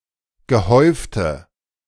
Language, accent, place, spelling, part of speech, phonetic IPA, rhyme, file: German, Germany, Berlin, gehäufte, adjective, [ɡəˈhɔɪ̯ftə], -ɔɪ̯ftə, De-gehäufte.ogg
- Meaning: inflection of gehäuft: 1. strong/mixed nominative/accusative feminine singular 2. strong nominative/accusative plural 3. weak nominative all-gender singular 4. weak accusative feminine/neuter singular